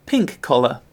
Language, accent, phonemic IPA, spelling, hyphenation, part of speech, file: English, Received Pronunciation, /pɪŋk ˈkɒlə/, pink-collar, pink-col‧lar, adjective, En-uk-pink-collar.ogg
- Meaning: Of or pertaining to employees in predominantly female service industries